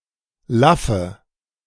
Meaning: inflection of laff: 1. strong/mixed nominative/accusative feminine singular 2. strong nominative/accusative plural 3. weak nominative all-gender singular 4. weak accusative feminine/neuter singular
- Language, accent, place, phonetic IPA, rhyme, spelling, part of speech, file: German, Germany, Berlin, [ˈlafə], -afə, laffe, adjective, De-laffe.ogg